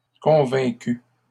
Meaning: feminine plural of convaincu
- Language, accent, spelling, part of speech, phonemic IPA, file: French, Canada, convaincues, verb, /kɔ̃.vɛ̃.ky/, LL-Q150 (fra)-convaincues.wav